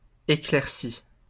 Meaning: past participle of éclaircir
- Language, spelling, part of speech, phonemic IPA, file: French, éclairci, verb, /e.klɛʁ.si/, LL-Q150 (fra)-éclairci.wav